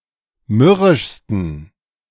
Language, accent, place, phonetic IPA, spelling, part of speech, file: German, Germany, Berlin, [ˈmʏʁɪʃstn̩], mürrischsten, adjective, De-mürrischsten.ogg
- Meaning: 1. superlative degree of mürrisch 2. inflection of mürrisch: strong genitive masculine/neuter singular superlative degree